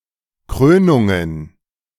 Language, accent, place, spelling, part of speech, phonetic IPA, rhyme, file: German, Germany, Berlin, Krönungen, noun, [ˈkʁøːnʊŋən], -øːnʊŋən, De-Krönungen.ogg
- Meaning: plural of Krönung